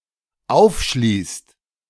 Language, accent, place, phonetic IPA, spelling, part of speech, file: German, Germany, Berlin, [ˈaʊ̯fˌʃliːst], aufschließt, verb, De-aufschließt.ogg
- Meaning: inflection of aufschließen: 1. second/third-person singular dependent present 2. second-person plural dependent present